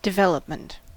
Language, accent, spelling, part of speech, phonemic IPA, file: English, US, development, noun, /dɪˈvɛl.əp.mənt/, En-us-development.ogg
- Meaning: 1. The process of developing; growth, directed change 2. The process by which a mature multicellular organism or part of an organism is produced by the addition of new cells